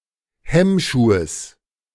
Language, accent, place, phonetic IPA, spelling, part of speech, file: German, Germany, Berlin, [ˈhɛmˌʃuːəs], Hemmschuhes, noun, De-Hemmschuhes.ogg
- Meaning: genitive of Hemmschuh